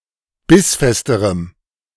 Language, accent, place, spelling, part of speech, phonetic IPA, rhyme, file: German, Germany, Berlin, bissfesterem, adjective, [ˈbɪsˌfɛstəʁəm], -ɪsfɛstəʁəm, De-bissfesterem.ogg
- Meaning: strong dative masculine/neuter singular comparative degree of bissfest